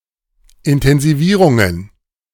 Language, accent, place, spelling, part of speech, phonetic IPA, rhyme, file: German, Germany, Berlin, Intensivierungen, noun, [ɪntɛnziˈviːʁʊŋən], -iːʁʊŋən, De-Intensivierungen.ogg
- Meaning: plural of Intensivierung